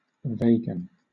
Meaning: 1. To make (something) vague or more vague; to blur, to obscure 2. To become (more) vague; to blur
- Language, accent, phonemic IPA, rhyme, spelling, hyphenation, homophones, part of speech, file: English, Southern England, /ˈveɪɡən/, -eɪɡən, vaguen, va‧guen, Vegan, verb, LL-Q1860 (eng)-vaguen.wav